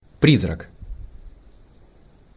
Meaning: ghost, spectre
- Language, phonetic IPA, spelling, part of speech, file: Russian, [ˈprʲizrək], призрак, noun, Ru-призрак.ogg